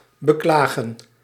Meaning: 1. to lament, grieve 2. to complain
- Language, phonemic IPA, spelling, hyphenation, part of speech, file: Dutch, /bəˈklaːɣə(n)/, beklagen, be‧kla‧gen, verb, Nl-beklagen.ogg